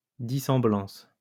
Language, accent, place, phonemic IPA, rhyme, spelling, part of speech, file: French, France, Lyon, /di.sɑ̃.blɑ̃s/, -ɑ̃s, dissemblance, noun, LL-Q150 (fra)-dissemblance.wav
- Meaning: dissemblance